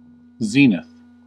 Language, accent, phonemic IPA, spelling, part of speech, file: English, US, /ˈzi.nɪθ/, zenith, noun, En-us-zenith.ogg
- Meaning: 1. The point in the sky vertically above a given position or observer; the point in the celestial sphere opposite the nadir 2. The highest point in the sky reached by a celestial body